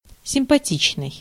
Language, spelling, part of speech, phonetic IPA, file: Russian, симпатичный, adjective, [sʲɪmpɐˈtʲit͡ɕnɨj], Ru-симпатичный.ogg
- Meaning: nice, attractive, pleasant, pretty, handsome, cute